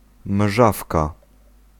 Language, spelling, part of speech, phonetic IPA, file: Polish, mżawka, noun, [ˈmʒafka], Pl-mżawka.ogg